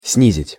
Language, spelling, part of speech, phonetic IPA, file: Russian, снизить, verb, [ˈsnʲizʲɪtʲ], Ru-снизить.ogg
- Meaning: to bring down, to reduce